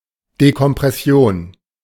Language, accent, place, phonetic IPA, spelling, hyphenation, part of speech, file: German, Germany, Berlin, [dekɔmpʀɛˈsi̯oːn], Dekompression, De‧kom‧pres‧si‧on, noun, De-Dekompression.ogg
- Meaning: decompression